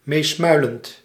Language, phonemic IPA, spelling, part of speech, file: Dutch, /ˈmesmœylənt/, meesmuilend, verb / adjective, Nl-meesmuilend.ogg
- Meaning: present participle of meesmuilen